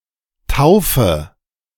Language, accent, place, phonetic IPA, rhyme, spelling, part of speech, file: German, Germany, Berlin, [ˈtaʊ̯fə], -aʊ̯fə, taufe, verb, De-taufe.ogg
- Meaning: inflection of taufen: 1. first-person singular present 2. first/third-person singular subjunctive I 3. singular imperative